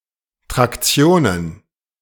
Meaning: plural of Traktion
- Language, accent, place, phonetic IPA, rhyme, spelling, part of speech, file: German, Germany, Berlin, [ˌtʁakˈt͡si̯oːnən], -oːnən, Traktionen, noun, De-Traktionen.ogg